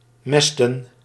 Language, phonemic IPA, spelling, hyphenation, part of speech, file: Dutch, /ˈmɛs.tə(n)/, mesten, mes‧ten, verb, Nl-mesten.ogg
- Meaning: to fatten